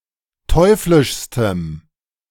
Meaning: strong dative masculine/neuter singular superlative degree of teuflisch
- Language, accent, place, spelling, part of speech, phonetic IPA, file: German, Germany, Berlin, teuflischstem, adjective, [ˈtɔɪ̯flɪʃstəm], De-teuflischstem.ogg